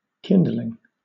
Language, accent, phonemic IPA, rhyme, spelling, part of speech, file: English, Southern England, /ˈkɪnd.lɪŋ/, -ɪndlɪŋ, kindling, noun / adjective / verb, LL-Q1860 (eng)-kindling.wav
- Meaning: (noun) 1. Small pieces of wood and twigs used to start a fire 2. The act by which something is kindled; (adjective) Illuminated, lit; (verb) present participle and gerund of kindle